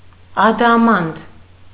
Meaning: diamond
- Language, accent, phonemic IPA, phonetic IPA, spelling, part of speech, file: Armenian, Eastern Armenian, /ɑdɑˈmɑnd/, [ɑdɑmɑ́nd], ադամանդ, noun, Hy-ադամանդ.ogg